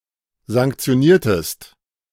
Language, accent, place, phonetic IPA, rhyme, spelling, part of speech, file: German, Germany, Berlin, [zaŋkt͡si̯oˈniːɐ̯təst], -iːɐ̯təst, sanktioniertest, verb, De-sanktioniertest.ogg
- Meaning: inflection of sanktionieren: 1. second-person singular preterite 2. second-person singular subjunctive II